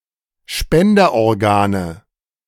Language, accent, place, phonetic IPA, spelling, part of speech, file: German, Germany, Berlin, [ˈʃpɛndɐʔɔʁˌɡaːnə], Spenderorgane, noun, De-Spenderorgane.ogg
- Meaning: nominative/accusative/genitive plural of Spenderorgan